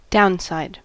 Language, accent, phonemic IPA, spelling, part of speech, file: English, US, /ˈdaʊnˌsaɪd/, downside, noun, En-us-downside.ogg
- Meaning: 1. A disadvantageous aspect of something that is normally advantageous 2. A downward tendency, especially in the price of shares etc